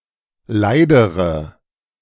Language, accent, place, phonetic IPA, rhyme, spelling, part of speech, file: German, Germany, Berlin, [ˈlaɪ̯dəʁə], -aɪ̯dəʁə, leidere, adjective, De-leidere.ogg
- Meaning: inflection of leid: 1. strong/mixed nominative/accusative feminine singular comparative degree 2. strong nominative/accusative plural comparative degree